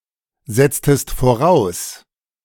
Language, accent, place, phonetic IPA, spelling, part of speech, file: German, Germany, Berlin, [ˌzɛt͡stəst foˈʁaʊ̯s], setztest voraus, verb, De-setztest voraus.ogg
- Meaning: inflection of voraussetzen: 1. second-person singular preterite 2. second-person singular subjunctive II